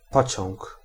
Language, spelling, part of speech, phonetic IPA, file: Polish, pociąg, noun, [ˈpɔt͡ɕɔ̃ŋk], Pl-pociąg.ogg